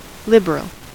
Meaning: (adjective) 1. Generous; permitting liberty; willing to give unsparingly 2. Ample, abundant; generous in quantity
- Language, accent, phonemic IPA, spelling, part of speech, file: English, US, /ˈlɪb.(ə.)ɹəl/, liberal, adjective / noun, En-us-liberal.ogg